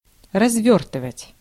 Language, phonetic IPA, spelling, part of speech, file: Russian, [rɐzˈvʲɵrtɨvətʲ], развёртывать, verb, Ru-развёртывать.ogg
- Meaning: 1. to unroll, to unwind, to unfold, to unwrap 2. to show, to display 3. to start (up) 4. to put on a wide scale, to widen, to broaden, to expand 5. to deploy, to extend 6. to expand (into)